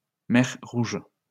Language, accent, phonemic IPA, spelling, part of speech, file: French, France, /mɛʁ ʁuʒ/, mer Rouge, proper noun, LL-Q150 (fra)-mer Rouge.wav
- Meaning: Red Sea